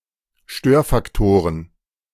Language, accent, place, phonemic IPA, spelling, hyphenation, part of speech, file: German, Germany, Berlin, /ˈʃtøːɐ̯fakˌtoːʁən/, Störfaktoren, Stör‧fak‧to‧ren, noun, De-Störfaktoren.ogg
- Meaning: plural of Störfaktor